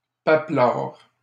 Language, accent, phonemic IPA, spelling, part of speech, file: French, Canada, /pa.plaʁ/, papelard, adjective, LL-Q150 (fra)-papelard.wav
- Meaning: hypocritical